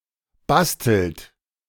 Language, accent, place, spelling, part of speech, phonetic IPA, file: German, Germany, Berlin, bastelt, verb, [ˈbastl̩t], De-bastelt.ogg
- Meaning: inflection of basteln: 1. third-person singular present 2. second-person plural present 3. plural imperative